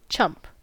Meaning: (noun) 1. An incompetent person, a blockhead; a loser 2. A gullible person; a sucker; someone easily taken advantage of; someone lacking common sense
- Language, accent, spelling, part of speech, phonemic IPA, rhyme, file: English, US, chump, noun / verb, /t͡ʃʌmp/, -ʌmp, En-us-chump.ogg